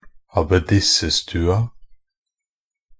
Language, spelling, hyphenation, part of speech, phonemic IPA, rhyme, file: Norwegian Bokmål, abbedissestua, ab‧bed‧is‧se‧stu‧a, noun, /abeˈdɪsːə.stʉːa/, -ʉːa, Nb-abbedissestua.ogg
- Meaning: definite feminine singular of abbedissestue